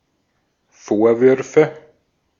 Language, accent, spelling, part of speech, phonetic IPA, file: German, Austria, Vorwürfe, noun, [ˈfoːɐ̯ˌvʏʁfə], De-at-Vorwürfe.ogg
- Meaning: nominative/accusative/genitive plural of Vorwurf